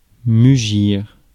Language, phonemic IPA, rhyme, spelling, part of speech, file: French, /my.ʒiʁ/, -iʁ, mugir, verb, Fr-mugir.ogg
- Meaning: 1. to moo 2. to roar